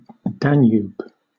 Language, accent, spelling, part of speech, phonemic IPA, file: English, Southern England, Danube, proper noun, /ˈdænjuːb/, LL-Q1860 (eng)-Danube.wav